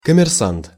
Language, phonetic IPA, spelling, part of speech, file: Russian, [kəmʲɪrˈsant], коммерсант, noun, Ru-коммерсант.ogg
- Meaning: merchant, businessman, trader